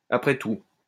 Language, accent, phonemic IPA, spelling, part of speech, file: French, France, /a.pʁɛ tu/, après tout, adverb, LL-Q150 (fra)-après tout.wav
- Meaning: after all